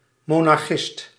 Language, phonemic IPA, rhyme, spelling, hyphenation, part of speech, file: Dutch, /ˌmoː.nɑrˈxɪst/, -ɪst, monarchist, mo‧nar‧chist, noun, Nl-monarchist.ogg
- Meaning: monarchist